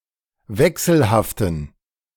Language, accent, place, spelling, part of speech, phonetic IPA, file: German, Germany, Berlin, wechselhaften, adjective, [ˈvɛksl̩haftn̩], De-wechselhaften.ogg
- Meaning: inflection of wechselhaft: 1. strong genitive masculine/neuter singular 2. weak/mixed genitive/dative all-gender singular 3. strong/weak/mixed accusative masculine singular 4. strong dative plural